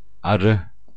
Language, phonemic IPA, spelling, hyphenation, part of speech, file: Turkish, /aˈɾɯ/, arı, a‧rı, noun / adjective, Tur-arı.ogg
- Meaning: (noun) bee; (adjective) clean, pure